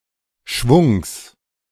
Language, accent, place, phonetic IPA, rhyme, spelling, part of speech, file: German, Germany, Berlin, [ʃvʊŋs], -ʊŋs, Schwungs, noun, De-Schwungs.ogg
- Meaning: genitive singular of Schwung